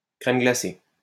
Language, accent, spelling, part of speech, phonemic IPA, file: French, France, crème glacée, noun, /kʁɛm ɡla.se/, LL-Q150 (fra)-crème glacée.wav
- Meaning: ice cream